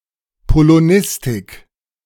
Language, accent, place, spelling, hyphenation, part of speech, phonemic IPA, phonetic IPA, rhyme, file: German, Germany, Berlin, Polonistik, Po‧lo‧nis‧tik, noun, /poloˈnɪstɪk/, [pʰoloˈnɪstɪkʰ], -ɪstɪk, De-Polonistik.ogg
- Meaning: Polish studies (academic study of Polish language and literature)